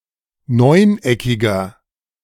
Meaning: inflection of neuneckig: 1. strong/mixed nominative masculine singular 2. strong genitive/dative feminine singular 3. strong genitive plural
- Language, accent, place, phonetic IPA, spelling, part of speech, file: German, Germany, Berlin, [ˈnɔɪ̯nˌʔɛkɪɡɐ], neuneckiger, adjective, De-neuneckiger.ogg